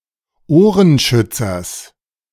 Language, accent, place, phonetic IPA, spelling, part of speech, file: German, Germany, Berlin, [ˈoːʁənˌʃʏt͡sɐs], Ohrenschützers, noun, De-Ohrenschützers.ogg
- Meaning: genitive singular of Ohrenschützer